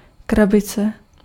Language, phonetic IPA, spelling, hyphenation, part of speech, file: Czech, [ˈkrabɪt͡sɛ], krabice, kra‧bi‧ce, noun, Cs-krabice.ogg
- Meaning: 1. box (container) 2. a female crab